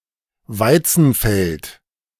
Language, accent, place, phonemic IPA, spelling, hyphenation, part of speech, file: German, Germany, Berlin, /ˈvaɪ̯t͡sn̩fɛlt/, Weizenfeld, Wei‧zen‧feld, noun, De-Weizenfeld.ogg
- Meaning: wheatfield